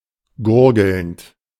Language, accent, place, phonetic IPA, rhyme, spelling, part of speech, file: German, Germany, Berlin, [ˈɡʊʁɡl̩nt], -ʊʁɡl̩nt, gurgelnd, verb, De-gurgelnd.ogg
- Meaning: present participle of gurgeln